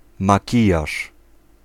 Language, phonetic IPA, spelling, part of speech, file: Polish, [maˈcijaʃ], makijaż, noun, Pl-makijaż.ogg